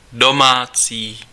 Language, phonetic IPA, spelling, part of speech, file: Czech, [ˈdomaːt͡siː], domácí, adjective / noun, Cs-domácí.ogg
- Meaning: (adjective) 1. domestic 2. homemade; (noun) landlord, landlady